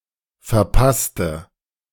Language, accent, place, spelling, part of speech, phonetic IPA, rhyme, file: German, Germany, Berlin, verpasste, adjective / verb, [fɛɐ̯ˈpastə], -astə, De-verpasste.ogg
- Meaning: inflection of verpassen: 1. first/third-person singular preterite 2. first/third-person singular subjunctive II